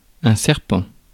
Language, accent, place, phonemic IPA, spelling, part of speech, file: French, France, Paris, /sɛʁ.pɑ̃/, serpent, noun, Fr-serpent.ogg
- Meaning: snake